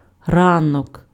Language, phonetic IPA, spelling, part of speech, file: Ukrainian, [ˈranɔk], ранок, noun, Uk-ранок.ogg
- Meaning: morning